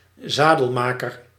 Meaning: a saddler, a saddlemaker
- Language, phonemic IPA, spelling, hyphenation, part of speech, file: Dutch, /ˈzaː.dəlˌmaː.kər/, zadelmaker, za‧del‧ma‧ker, noun, Nl-zadelmaker.ogg